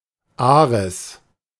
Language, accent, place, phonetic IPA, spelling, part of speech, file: German, Germany, Berlin, [ˈaʁɛs], Ares, proper noun, De-Ares.ogg
- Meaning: Ares (Greek god of war)